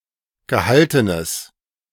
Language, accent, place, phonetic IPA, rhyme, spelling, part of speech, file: German, Germany, Berlin, [ɡəˈhaltənəs], -altənəs, gehaltenes, adjective, De-gehaltenes.ogg
- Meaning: strong/mixed nominative/accusative neuter singular of gehalten